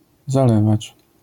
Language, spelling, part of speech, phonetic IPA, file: Polish, zalewać, verb, [zaˈlɛvat͡ɕ], LL-Q809 (pol)-zalewać.wav